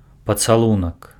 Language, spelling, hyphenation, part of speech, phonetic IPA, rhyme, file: Belarusian, пацалунак, па‧ца‧лу‧нак, noun, [pat͡saˈɫunak], -ak, Be-пацалунак.ogg
- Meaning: kiss